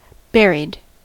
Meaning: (adjective) 1. Placed in a grave at a burial 2. Concealed, hidden; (verb) simple past and past participle of bury
- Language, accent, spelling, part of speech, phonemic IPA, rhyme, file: English, US, buried, adjective / verb, /ˈbɛ.ɹid/, -ɛɹid, En-us-buried.ogg